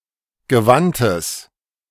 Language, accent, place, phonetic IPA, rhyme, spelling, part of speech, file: German, Germany, Berlin, [ɡəˈvantəs], -antəs, gewandtes, adjective, De-gewandtes.ogg
- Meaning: strong/mixed nominative/accusative neuter singular of gewandt